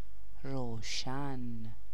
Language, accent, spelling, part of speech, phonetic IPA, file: Persian, Iran, روشن, adjective, [ɹow.ʃǽn], Fa-روشن.ogg
- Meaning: 1. bright, clear 2. light 3. luminous 4. transparent 5. lighted, lit 6. on (state of being active) 7. clear, conspicuous 8. sure, certain